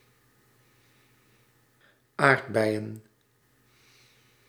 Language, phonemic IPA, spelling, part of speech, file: Dutch, /ˈardbɛijə(n)/, aardbeien, noun, Nl-aardbeien.ogg
- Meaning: plural of aardbei